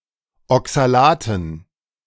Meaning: dative plural of Oxalat
- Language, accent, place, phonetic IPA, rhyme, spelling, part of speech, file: German, Germany, Berlin, [ɔksalaːtn̩], -aːtn̩, Oxalaten, noun, De-Oxalaten.ogg